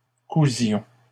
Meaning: inflection of coudre: 1. first-person plural imperfect indicative 2. first-person plural present subjunctive
- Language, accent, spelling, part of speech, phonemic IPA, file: French, Canada, cousions, verb, /ku.zjɔ̃/, LL-Q150 (fra)-cousions.wav